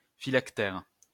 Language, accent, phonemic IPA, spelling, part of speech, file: French, France, /fi.lak.tɛʁ/, phylactère, noun, LL-Q150 (fra)-phylactère.wav
- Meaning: 1. phylactery 2. speech bubble, thought bubble